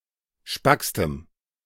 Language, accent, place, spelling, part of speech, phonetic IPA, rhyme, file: German, Germany, Berlin, spackstem, adjective, [ˈʃpakstəm], -akstəm, De-spackstem.ogg
- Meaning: strong dative masculine/neuter singular superlative degree of spack